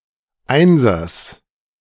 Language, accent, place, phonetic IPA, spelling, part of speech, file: German, Germany, Berlin, [ˈaɪ̯nzɐs], Einsers, noun, De-Einsers.ogg
- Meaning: genitive singular of Einser